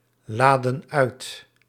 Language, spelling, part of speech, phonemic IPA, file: Dutch, laden uit, verb, /ˈladə(n) ˈœyt/, Nl-laden uit.ogg
- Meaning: inflection of uitladen: 1. plural present indicative 2. plural present subjunctive